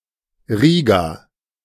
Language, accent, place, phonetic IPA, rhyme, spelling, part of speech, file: German, Germany, Berlin, [ˈʁiːɡa], -iːɡa, Riga, proper noun, De-Riga.ogg
- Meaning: Riga (the capital city of Latvia)